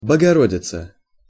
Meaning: Virgin Mary, Blessed Virgin, Our Lady, Theotokos
- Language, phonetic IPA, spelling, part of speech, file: Russian, [bəɡɐˈrodʲɪt͡sə], Богородица, proper noun, Ru-Богородица.ogg